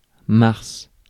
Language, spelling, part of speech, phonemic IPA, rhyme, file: French, mars, noun, /maʁs/, -aʁs, Fr-mars.ogg
- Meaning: March (month)